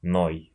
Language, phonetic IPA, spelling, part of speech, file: Russian, [noj], ной, verb, Ru-ной.ogg
- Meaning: second-person singular imperative imperfective of ныть (nytʹ)